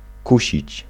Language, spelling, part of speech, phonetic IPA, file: Polish, kusić, verb, [ˈkuɕit͡ɕ], Pl-kusić.ogg